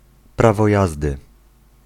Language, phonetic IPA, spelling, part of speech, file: Polish, [ˈpravɔ ˈjazdɨ], prawo jazdy, noun, Pl-prawo jazdy.ogg